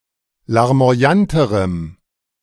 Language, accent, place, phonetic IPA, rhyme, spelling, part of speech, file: German, Germany, Berlin, [laʁmo̯aˈjantəʁəm], -antəʁəm, larmoyanterem, adjective, De-larmoyanterem.ogg
- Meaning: strong dative masculine/neuter singular comparative degree of larmoyant